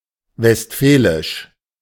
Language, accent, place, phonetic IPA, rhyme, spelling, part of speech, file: German, Germany, Berlin, [vɛstˈfɛːlɪʃ], -ɛːlɪʃ, westfälisch, adjective, De-westfälisch.ogg
- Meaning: Westphalian